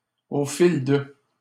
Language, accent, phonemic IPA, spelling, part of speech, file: French, Canada, /o fil də/, au fil de, preposition, LL-Q150 (fra)-au fil de.wav
- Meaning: in the course of, over the course of